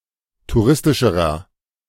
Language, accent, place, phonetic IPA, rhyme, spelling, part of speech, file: German, Germany, Berlin, [tuˈʁɪstɪʃəʁɐ], -ɪstɪʃəʁɐ, touristischerer, adjective, De-touristischerer.ogg
- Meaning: inflection of touristisch: 1. strong/mixed nominative masculine singular comparative degree 2. strong genitive/dative feminine singular comparative degree 3. strong genitive plural comparative degree